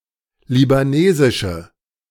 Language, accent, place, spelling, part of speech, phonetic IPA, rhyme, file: German, Germany, Berlin, libanesische, adjective, [libaˈneːzɪʃə], -eːzɪʃə, De-libanesische.ogg
- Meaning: inflection of libanesisch: 1. strong/mixed nominative/accusative feminine singular 2. strong nominative/accusative plural 3. weak nominative all-gender singular